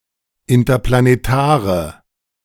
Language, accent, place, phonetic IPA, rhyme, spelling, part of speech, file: German, Germany, Berlin, [ɪntɐplaneˈtaːʁə], -aːʁə, interplanetare, adjective, De-interplanetare.ogg
- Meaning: inflection of interplanetar: 1. strong/mixed nominative/accusative feminine singular 2. strong nominative/accusative plural 3. weak nominative all-gender singular